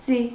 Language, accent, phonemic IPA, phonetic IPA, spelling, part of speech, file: Armenian, Eastern Armenian, /d͡zi/, [d͡zi], ձի, noun, Hy-ձի.ogg
- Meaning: 1. horse 2. knight